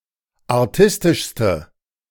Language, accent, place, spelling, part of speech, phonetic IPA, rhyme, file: German, Germany, Berlin, artistischste, adjective, [aʁˈtɪstɪʃstə], -ɪstɪʃstə, De-artistischste.ogg
- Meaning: inflection of artistisch: 1. strong/mixed nominative/accusative feminine singular superlative degree 2. strong nominative/accusative plural superlative degree